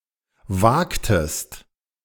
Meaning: inflection of wagen: 1. second-person singular preterite 2. second-person singular subjunctive II
- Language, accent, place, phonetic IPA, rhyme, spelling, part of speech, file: German, Germany, Berlin, [ˈvaːktəst], -aːktəst, wagtest, verb, De-wagtest.ogg